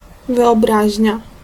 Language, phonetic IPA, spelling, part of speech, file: Polish, [ˌvɨɔˈbraʑɲa], wyobraźnia, noun, Pl-wyobraźnia.ogg